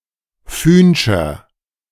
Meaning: inflection of fühnsch: 1. strong/mixed nominative masculine singular 2. strong genitive/dative feminine singular 3. strong genitive plural
- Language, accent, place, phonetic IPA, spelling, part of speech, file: German, Germany, Berlin, [ˈfyːnʃɐ], fühnscher, adjective, De-fühnscher.ogg